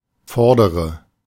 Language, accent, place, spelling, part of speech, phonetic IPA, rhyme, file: German, Germany, Berlin, vordere, adjective, [ˈfɔʁdəʁə], -ɔʁdəʁə, De-vordere.ogg
- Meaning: inflection of vorder: 1. strong/mixed nominative/accusative feminine singular 2. strong nominative/accusative plural 3. weak nominative all-gender singular 4. weak accusative feminine/neuter singular